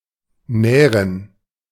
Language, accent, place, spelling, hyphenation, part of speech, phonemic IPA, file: German, Germany, Berlin, nähren, näh‧ren, verb, /ˈnɛːrən/, De-nähren.ogg
- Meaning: 1. to feed 2. to feed on